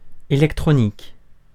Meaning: electronic
- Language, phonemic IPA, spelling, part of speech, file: French, /e.lɛk.tʁɔ.nik/, électronique, adjective, Fr-électronique.ogg